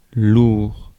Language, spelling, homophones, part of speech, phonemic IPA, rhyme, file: French, lourd, loure, adjective, /luʁ/, -uʁ, Fr-lourd.ogg
- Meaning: 1. heavy 2. loaded with 3. clumsy, oafish 4. annoying, a drag 5. sultry, humid 6. heavyweight